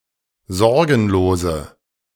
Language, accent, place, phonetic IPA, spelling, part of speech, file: German, Germany, Berlin, [ˈzɔʁɡn̩loːzə], sorgenlose, adjective, De-sorgenlose.ogg
- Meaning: inflection of sorgenlos: 1. strong/mixed nominative/accusative feminine singular 2. strong nominative/accusative plural 3. weak nominative all-gender singular